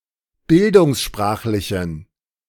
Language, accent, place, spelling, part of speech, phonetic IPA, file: German, Germany, Berlin, bildungssprachlichen, adjective, [ˈbɪldʊŋsˌʃpʁaːxlɪçn̩], De-bildungssprachlichen.ogg
- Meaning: inflection of bildungssprachlich: 1. strong genitive masculine/neuter singular 2. weak/mixed genitive/dative all-gender singular 3. strong/weak/mixed accusative masculine singular